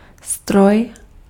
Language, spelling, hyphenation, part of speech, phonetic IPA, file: Czech, stroj, stroj, noun, [ˈstroj], Cs-stroj.ogg
- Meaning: machine